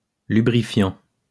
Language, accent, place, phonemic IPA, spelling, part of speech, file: French, France, Lyon, /ly.bʁi.fjɑ̃/, lubrifiant, adjective / noun / verb, LL-Q150 (fra)-lubrifiant.wav
- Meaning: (adjective) lubricating; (noun) lubricant; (verb) present participle of lubrifier